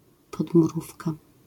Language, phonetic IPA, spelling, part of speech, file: Polish, [ˌpɔdmuˈrufka], podmurówka, noun, LL-Q809 (pol)-podmurówka.wav